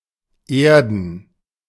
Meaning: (verb) 1. to earth 2. to bring down to earth, to cause to be reasonable, focused, realistic, humble, contented; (adjective) obsolete form of irden (“earthen, made of clay”)
- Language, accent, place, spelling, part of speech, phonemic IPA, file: German, Germany, Berlin, erden, verb / adjective, /ˈeːʁdən/, De-erden.ogg